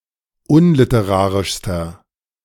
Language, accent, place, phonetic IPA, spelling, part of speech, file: German, Germany, Berlin, [ˈʊnlɪtəˌʁaːʁɪʃstɐ], unliterarischster, adjective, De-unliterarischster.ogg
- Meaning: inflection of unliterarisch: 1. strong/mixed nominative masculine singular superlative degree 2. strong genitive/dative feminine singular superlative degree